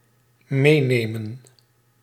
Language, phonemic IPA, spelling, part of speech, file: Dutch, /ˈmenemə(n)/, meenemen, verb, Nl-meenemen.ogg
- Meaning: 1. to take along, take away, carry off/along 2. to drop a course or postpone it to the next year, either deliberately or by necessity